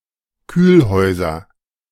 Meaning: nominative/accusative/genitive plural of Kühlhaus
- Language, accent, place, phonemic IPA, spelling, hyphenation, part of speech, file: German, Germany, Berlin, /ˈkyːlˌhɔɪ̯zɐ/, Kühlhäuser, Kühl‧häu‧ser, noun, De-Kühlhäuser.ogg